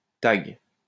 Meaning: tag
- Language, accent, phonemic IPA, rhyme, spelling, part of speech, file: French, France, /taɡ/, -aɡ, tag, noun, LL-Q150 (fra)-tag.wav